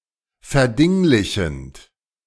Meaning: present participle of verdinglichen
- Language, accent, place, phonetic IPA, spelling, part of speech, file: German, Germany, Berlin, [fɛɐ̯ˈdɪŋlɪçn̩t], verdinglichend, verb, De-verdinglichend.ogg